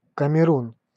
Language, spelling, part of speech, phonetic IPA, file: Russian, Камерун, proper noun, [kəmʲɪˈrun], Ru-Камерун.ogg
- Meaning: Cameroon (a country in Central Africa)